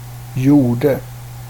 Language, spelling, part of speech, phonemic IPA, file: Swedish, gjorde, adjective / verb, /ˈjʊˌɖɛ/, Sv-gjorde.ogg
- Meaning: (adjective) definite natural masculine singular of gjord; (verb) past indicative of göra